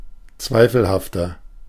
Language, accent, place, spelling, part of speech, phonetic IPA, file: German, Germany, Berlin, zweifelhafter, adjective, [ˈt͡svaɪ̯fl̩haftɐ], De-zweifelhafter.ogg
- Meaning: 1. comparative degree of zweifelhaft 2. inflection of zweifelhaft: strong/mixed nominative masculine singular 3. inflection of zweifelhaft: strong genitive/dative feminine singular